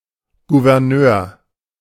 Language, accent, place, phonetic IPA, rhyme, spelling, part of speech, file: German, Germany, Berlin, [ɡuvɛʁˈnøːɐ̯], -øːɐ̯, Gouverneur, noun, De-Gouverneur.ogg
- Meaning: governor (male or of unspecified gender)